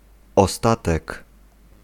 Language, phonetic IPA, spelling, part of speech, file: Polish, [ɔˈstatɛk], ostatek, noun, Pl-ostatek.ogg